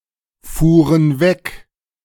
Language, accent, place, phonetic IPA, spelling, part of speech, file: German, Germany, Berlin, [ˌfuːʁən ˈvɛk], fuhren weg, verb, De-fuhren weg.ogg
- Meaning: first/third-person plural preterite of wegfahren